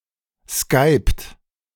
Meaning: inflection of skypen: 1. second-person plural present 2. third-person singular present 3. plural imperative
- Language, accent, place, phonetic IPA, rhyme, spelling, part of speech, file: German, Germany, Berlin, [skaɪ̯pt], -aɪ̯pt, skypt, verb, De-skypt.ogg